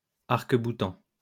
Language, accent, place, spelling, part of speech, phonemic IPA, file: French, France, Lyon, arc-boutant, noun / verb, /aʁk.bu.tɑ̃/, LL-Q150 (fra)-arc-boutant.wav
- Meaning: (noun) flying buttress; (verb) present participle of arc-bouter